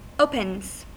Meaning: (noun) plural of open; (verb) third-person singular simple present indicative of open
- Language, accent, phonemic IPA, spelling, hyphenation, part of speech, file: English, US, /ˈoʊ.pənz/, opens, opens, noun / verb, En-us-opens.ogg